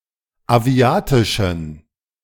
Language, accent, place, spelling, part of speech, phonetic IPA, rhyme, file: German, Germany, Berlin, aviatischen, adjective, [aˈvi̯aːtɪʃn̩], -aːtɪʃn̩, De-aviatischen.ogg
- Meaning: inflection of aviatisch: 1. strong genitive masculine/neuter singular 2. weak/mixed genitive/dative all-gender singular 3. strong/weak/mixed accusative masculine singular 4. strong dative plural